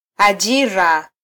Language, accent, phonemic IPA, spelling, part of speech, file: Swahili, Kenya, /ɑˈʄi.ɾɑ/, ajira, noun, Sw-ke-ajira.flac
- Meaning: employment (the work or occupation for which one is paid)